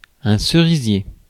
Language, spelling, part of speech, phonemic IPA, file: French, cerisier, noun, /sə.ʁi.zje/, Fr-cerisier.ogg
- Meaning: cherry tree